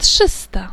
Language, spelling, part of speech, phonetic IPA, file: Polish, trzysta, adjective, [ˈṭʃɨsta], Pl-trzysta.ogg